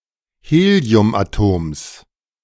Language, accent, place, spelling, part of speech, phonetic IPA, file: German, Germany, Berlin, Heliumatoms, noun, [ˈheːli̯ʊmʔaˌtoːms], De-Heliumatoms.ogg
- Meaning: genitive singular of Heliumatom